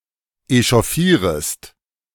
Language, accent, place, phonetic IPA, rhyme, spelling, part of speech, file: German, Germany, Berlin, [eʃɔˈfiːʁəst], -iːʁəst, echauffierest, verb, De-echauffierest.ogg
- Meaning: second-person singular subjunctive I of echauffieren